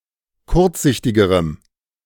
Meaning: strong dative masculine/neuter singular comparative degree of kurzsichtig
- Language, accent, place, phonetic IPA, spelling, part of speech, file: German, Germany, Berlin, [ˈkʊʁt͡sˌzɪçtɪɡəʁəm], kurzsichtigerem, adjective, De-kurzsichtigerem.ogg